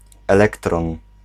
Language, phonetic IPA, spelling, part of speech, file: Polish, [ɛˈlɛktrɔ̃n], elektron, noun, Pl-elektron.ogg